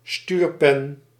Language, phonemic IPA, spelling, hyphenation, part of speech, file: Dutch, /ˈstyːr.pɛn/, stuurpen, stuur‧pen, noun, Nl-stuurpen.ogg
- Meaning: the stem of a bicycle, connecting the handlebars to the fork